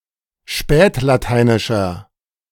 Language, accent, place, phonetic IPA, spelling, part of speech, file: German, Germany, Berlin, [ˈʃpɛːtlaˌtaɪ̯nɪʃɐ], spätlateinischer, adjective, De-spätlateinischer.ogg
- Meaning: inflection of spätlateinisch: 1. strong/mixed nominative masculine singular 2. strong genitive/dative feminine singular 3. strong genitive plural